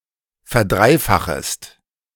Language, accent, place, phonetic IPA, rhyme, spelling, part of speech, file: German, Germany, Berlin, [fɛɐ̯ˈdʁaɪ̯ˌfaxəst], -aɪ̯faxəst, verdreifachest, verb, De-verdreifachest.ogg
- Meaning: second-person singular subjunctive I of verdreifachen